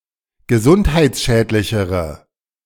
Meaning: inflection of gesundheitsschädlich: 1. strong/mixed nominative/accusative feminine singular comparative degree 2. strong nominative/accusative plural comparative degree
- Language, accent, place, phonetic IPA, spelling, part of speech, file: German, Germany, Berlin, [ɡəˈzʊnthaɪ̯t͡sˌʃɛːtlɪçəʁə], gesundheitsschädlichere, adjective, De-gesundheitsschädlichere.ogg